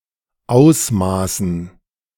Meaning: dative plural of Ausmaß
- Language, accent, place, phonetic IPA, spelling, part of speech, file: German, Germany, Berlin, [ˈaʊ̯smaːsn̩], Ausmaßen, noun, De-Ausmaßen.ogg